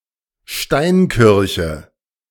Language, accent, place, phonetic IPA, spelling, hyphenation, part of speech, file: German, Germany, Berlin, [ˈʃtaɪ̯nˌkɪʁçə], Steinkirche, Stein‧kir‧che, noun, De-Steinkirche.ogg
- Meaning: stone church